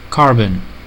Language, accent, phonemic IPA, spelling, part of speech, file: English, US, /ˈkɑɹ.bən/, carbon, noun / verb, En-us-carbon.ogg